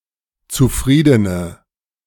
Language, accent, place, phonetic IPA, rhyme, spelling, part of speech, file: German, Germany, Berlin, [t͡suˈfʁiːdənə], -iːdənə, zufriedene, adjective, De-zufriedene.ogg
- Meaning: inflection of zufrieden: 1. strong/mixed nominative/accusative feminine singular 2. strong nominative/accusative plural 3. weak nominative all-gender singular